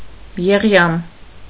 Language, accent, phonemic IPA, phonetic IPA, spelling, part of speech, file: Armenian, Eastern Armenian, /jeˈʁjɑm/, [jeʁjɑ́m], եղյամ, noun, Hy-եղյամ.ogg
- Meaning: 1. frost, hoarfrost, rime 2. white hair on the head, hoar